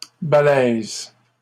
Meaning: 1. hefty; sturdy 2. strong, powerful 3. difficult
- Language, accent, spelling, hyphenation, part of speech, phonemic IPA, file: French, Canada, balèze, ba‧lèze, adjective, /ba.lɛz/, LL-Q150 (fra)-balèze.wav